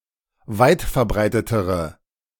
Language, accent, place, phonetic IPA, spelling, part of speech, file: German, Germany, Berlin, [ˈvaɪ̯tfɛɐ̯ˌbʁaɪ̯tətəʁə], weitverbreitetere, adjective, De-weitverbreitetere.ogg
- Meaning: inflection of weitverbreitet: 1. strong/mixed nominative/accusative feminine singular comparative degree 2. strong nominative/accusative plural comparative degree